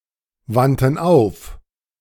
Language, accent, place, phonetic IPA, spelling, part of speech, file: German, Germany, Berlin, [ˌvantn̩ ˈaʊ̯f], wandten auf, verb, De-wandten auf.ogg
- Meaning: first/third-person plural preterite of aufwenden